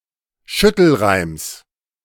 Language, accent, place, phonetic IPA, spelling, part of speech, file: German, Germany, Berlin, [ˈʃʏtl̩ˌʁaɪ̯ms], Schüttelreims, noun, De-Schüttelreims.ogg
- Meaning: genitive singular of Schüttelreim